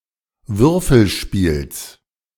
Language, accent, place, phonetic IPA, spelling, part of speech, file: German, Germany, Berlin, [ˈvʏʁfl̩ˌʃpiːls], Würfelspiels, noun, De-Würfelspiels.ogg
- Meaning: genitive of Würfelspiel